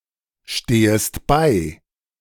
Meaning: second-person singular subjunctive I of beistehen
- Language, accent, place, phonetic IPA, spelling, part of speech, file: German, Germany, Berlin, [ˌʃteːəst ˈbaɪ̯], stehest bei, verb, De-stehest bei.ogg